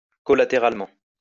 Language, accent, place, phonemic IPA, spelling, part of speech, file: French, France, Lyon, /kɔ.la.te.ʁal.mɑ̃/, collatéralement, adverb, LL-Q150 (fra)-collatéralement.wav
- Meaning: collaterally